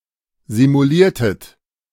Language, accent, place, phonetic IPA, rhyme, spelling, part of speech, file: German, Germany, Berlin, [zimuˈliːɐ̯tət], -iːɐ̯tət, simuliertet, verb, De-simuliertet.ogg
- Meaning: inflection of simulieren: 1. second-person plural preterite 2. second-person plural subjunctive II